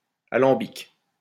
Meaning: alembic, still (device for distilling liquids)
- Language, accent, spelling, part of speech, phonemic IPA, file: French, France, alambic, noun, /a.lɑ̃.bik/, LL-Q150 (fra)-alambic.wav